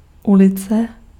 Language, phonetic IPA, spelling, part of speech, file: Czech, [ˈulɪt͡sɛ], ulice, noun, Cs-ulice.ogg
- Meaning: street